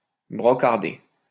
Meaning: to mock, ridicule
- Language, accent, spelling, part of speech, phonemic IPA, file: French, France, brocarder, verb, /bʁɔ.kaʁ.de/, LL-Q150 (fra)-brocarder.wav